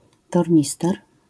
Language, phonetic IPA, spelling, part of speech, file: Polish, [tɔrʲˈɲistɛr], tornister, noun, LL-Q809 (pol)-tornister.wav